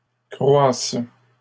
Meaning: third-person plural present indicative/subjunctive of croître
- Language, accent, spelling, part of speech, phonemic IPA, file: French, Canada, croissent, verb, /kʁwas/, LL-Q150 (fra)-croissent.wav